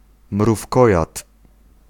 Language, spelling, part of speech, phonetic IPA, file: Polish, mrówkojad, noun, [mrufˈkɔjat], Pl-mrówkojad.ogg